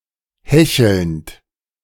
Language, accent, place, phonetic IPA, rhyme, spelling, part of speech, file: German, Germany, Berlin, [ˈhɛçl̩nt], -ɛçl̩nt, hechelnd, verb, De-hechelnd.ogg
- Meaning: present participle of hecheln